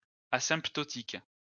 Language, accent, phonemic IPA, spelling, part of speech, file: French, France, /a.sɛ̃p.tɔ.tik/, asymptotique, adjective, LL-Q150 (fra)-asymptotique.wav
- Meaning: asymptotic, asymptotical